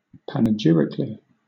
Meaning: In a very eloquent and eulogistic manner; with lavish praise, in a very complimentary way
- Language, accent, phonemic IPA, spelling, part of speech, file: English, Southern England, /panɪˈd͡ʒɪɹɪkli/, panegyrically, adverb, LL-Q1860 (eng)-panegyrically.wav